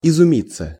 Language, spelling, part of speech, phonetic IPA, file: Russian, изумиться, verb, [ɪzʊˈmʲit͡sːə], Ru-изумиться.ogg
- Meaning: 1. to be amazed, to be astonished, to be surprised, to marvel (at) 2. passive of изуми́ть (izumítʹ)